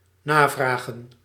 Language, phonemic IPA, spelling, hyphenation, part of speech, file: Dutch, /ˈnaːˌvraː.ɣə(n)/, navragen, na‧vra‧gen, verb, Nl-navragen.ogg
- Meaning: to enquire about, to ask about